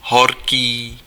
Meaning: hot
- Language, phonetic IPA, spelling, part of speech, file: Czech, [ˈɦorkiː], horký, adjective, Cs-horký.ogg